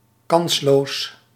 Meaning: 1. hopeless, (being) against the odds 2. pathetic, contemptible
- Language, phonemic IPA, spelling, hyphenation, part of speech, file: Dutch, /ˈkɑns.loːs/, kansloos, kans‧loos, adjective, Nl-kansloos.ogg